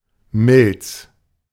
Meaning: spleen
- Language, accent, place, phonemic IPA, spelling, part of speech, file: German, Germany, Berlin, /mɪl(t)s/, Milz, noun, De-Milz.ogg